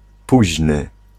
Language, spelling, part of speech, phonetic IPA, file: Polish, późny, adjective, [ˈpuʑnɨ], Pl-późny.ogg